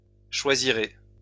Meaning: second-person plural future of choisir
- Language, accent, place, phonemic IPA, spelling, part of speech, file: French, France, Lyon, /ʃwa.zi.ʁe/, choisirez, verb, LL-Q150 (fra)-choisirez.wav